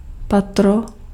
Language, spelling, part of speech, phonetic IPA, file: Czech, patro, noun, [ˈpatro], Cs-patro.ogg
- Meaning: 1. floor, storey 2. palate (roof of the mouth)